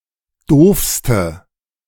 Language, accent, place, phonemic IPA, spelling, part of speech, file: German, Germany, Berlin, /ˈdoːfstə/, doofste, adjective, De-doofste.ogg
- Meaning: inflection of doof: 1. strong/mixed nominative/accusative feminine singular superlative degree 2. strong nominative/accusative plural superlative degree